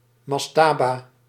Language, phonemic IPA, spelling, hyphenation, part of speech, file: Dutch, /ˈmɑs.taː.baː/, mastaba, mas‧ta‧ba, noun, Nl-mastaba.ogg
- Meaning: a mastaba (ancient Egyptian tomb structure)